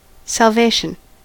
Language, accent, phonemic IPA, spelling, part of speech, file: English, US, /sælˈveɪ.ʃn̩/, salvation, noun / verb, En-us-salvation.ogg
- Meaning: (noun) 1. The process of being saved, the state of having been saved (from hell) 2. The act of saving, rescuing (in any context), providing needed safety or liberation; something that does this